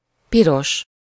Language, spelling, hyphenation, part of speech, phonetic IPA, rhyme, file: Hungarian, piros, pi‧ros, adjective / noun, [ˈpiroʃ], -oʃ, Hu-piros.ogg
- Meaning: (adjective) red (often specifically a lighter red than vörös); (noun) hearts (a suit in German or Hungarian cards)